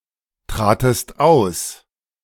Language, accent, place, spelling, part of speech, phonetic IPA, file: German, Germany, Berlin, tratest aus, verb, [ˌtʁaːtəst ˈaʊ̯s], De-tratest aus.ogg
- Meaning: second-person singular preterite of austreten